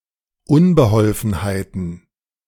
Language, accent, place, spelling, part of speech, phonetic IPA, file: German, Germany, Berlin, Unbeholfenheiten, noun, [ˈʊnbəˌhɔlfn̩haɪ̯tn̩], De-Unbeholfenheiten.ogg
- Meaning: plural of Unbeholfenheit